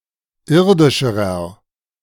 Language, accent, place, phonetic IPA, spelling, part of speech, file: German, Germany, Berlin, [ˈɪʁdɪʃəʁɐ], irdischerer, adjective, De-irdischerer.ogg
- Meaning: inflection of irdisch: 1. strong/mixed nominative masculine singular comparative degree 2. strong genitive/dative feminine singular comparative degree 3. strong genitive plural comparative degree